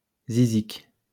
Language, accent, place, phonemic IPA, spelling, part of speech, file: French, France, Lyon, /zi.zik/, zizique, noun, LL-Q150 (fra)-zizique.wav
- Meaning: synonym of zic